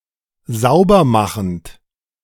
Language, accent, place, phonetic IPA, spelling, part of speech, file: German, Germany, Berlin, [ˈzaʊ̯bɐˌmaxn̩t], saubermachend, verb, De-saubermachend.ogg
- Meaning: present participle of saubermachen